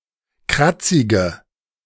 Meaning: inflection of kratzig: 1. strong/mixed nominative/accusative feminine singular 2. strong nominative/accusative plural 3. weak nominative all-gender singular 4. weak accusative feminine/neuter singular
- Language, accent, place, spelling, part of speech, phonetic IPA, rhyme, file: German, Germany, Berlin, kratzige, adjective, [ˈkʁat͡sɪɡə], -at͡sɪɡə, De-kratzige.ogg